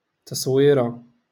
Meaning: picture, image
- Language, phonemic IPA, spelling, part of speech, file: Moroccan Arabic, /tasˤ.wiː.ra/, تصويرة, noun, LL-Q56426 (ary)-تصويرة.wav